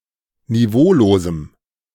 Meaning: strong dative masculine/neuter singular of niveaulos
- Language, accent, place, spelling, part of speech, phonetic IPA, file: German, Germany, Berlin, niveaulosem, adjective, [niˈvoːloːzm̩], De-niveaulosem.ogg